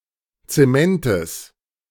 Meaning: genitive singular of Zement
- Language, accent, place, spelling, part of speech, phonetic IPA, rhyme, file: German, Germany, Berlin, Zementes, noun, [t͡seˈmɛntəs], -ɛntəs, De-Zementes.ogg